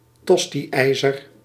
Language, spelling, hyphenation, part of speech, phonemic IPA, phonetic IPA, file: Dutch, tosti-ijzer, tos‧ti-ij‧zer, noun, /ˈtɔstiˌɛi̯zər/, [ˈtɔstiˌɛːzər], Nl-tosti-ijzer.ogg
- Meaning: sandwich toaster, pie iron